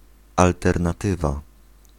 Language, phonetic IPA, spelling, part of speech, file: Polish, [ˌaltɛrnaˈtɨva], alternatywa, noun, Pl-alternatywa.ogg